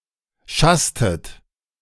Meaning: inflection of schassen: 1. second-person plural preterite 2. second-person plural subjunctive II
- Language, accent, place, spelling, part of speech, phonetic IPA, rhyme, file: German, Germany, Berlin, schasstet, verb, [ˈʃastət], -astət, De-schasstet.ogg